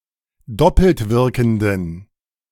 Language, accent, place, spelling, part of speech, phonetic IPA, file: German, Germany, Berlin, doppeltwirkenden, adjective, [ˈdɔpl̩tˌvɪʁkn̩dən], De-doppeltwirkenden.ogg
- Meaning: inflection of doppeltwirkend: 1. strong genitive masculine/neuter singular 2. weak/mixed genitive/dative all-gender singular 3. strong/weak/mixed accusative masculine singular 4. strong dative plural